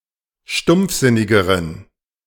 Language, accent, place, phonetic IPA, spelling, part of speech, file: German, Germany, Berlin, [ˈʃtʊmp͡fˌzɪnɪɡəʁən], stumpfsinnigeren, adjective, De-stumpfsinnigeren.ogg
- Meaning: inflection of stumpfsinnig: 1. strong genitive masculine/neuter singular comparative degree 2. weak/mixed genitive/dative all-gender singular comparative degree